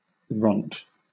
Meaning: Obsolete form of runt
- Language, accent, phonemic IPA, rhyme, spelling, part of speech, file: English, Southern England, /ɹɒnt/, -ɒnt, ront, noun, LL-Q1860 (eng)-ront.wav